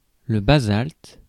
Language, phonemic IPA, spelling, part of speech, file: French, /ba.zalt/, basalte, noun, Fr-basalte.ogg
- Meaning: basalt (hard rock)